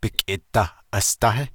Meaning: chair, seat, bench
- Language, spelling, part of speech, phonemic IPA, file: Navajo, bikʼi dah asdáhí, noun, /pɪ̀kʼɪ̀ tɑ̀h ʔɑ̀stɑ́hɪ́/, Nv-bikʼi dah asdáhí.ogg